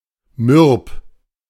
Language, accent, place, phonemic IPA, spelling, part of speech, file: German, Germany, Berlin, /mʏʁp/, mürb, adjective, De-mürb.ogg
- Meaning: alternative form of mürbe